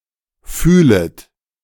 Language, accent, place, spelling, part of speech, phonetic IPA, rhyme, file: German, Germany, Berlin, fühlet, verb, [ˈfyːlət], -yːlət, De-fühlet.ogg
- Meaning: second-person plural subjunctive I of fühlen